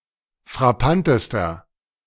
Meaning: inflection of frappant: 1. strong/mixed nominative masculine singular superlative degree 2. strong genitive/dative feminine singular superlative degree 3. strong genitive plural superlative degree
- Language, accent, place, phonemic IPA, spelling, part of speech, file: German, Germany, Berlin, /fʁaˈpanˌtəstɐ/, frappantester, adjective, De-frappantester.ogg